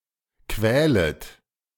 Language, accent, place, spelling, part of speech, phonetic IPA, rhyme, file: German, Germany, Berlin, quälet, verb, [ˈkvɛːlət], -ɛːlət, De-quälet.ogg
- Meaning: second-person plural subjunctive I of quälen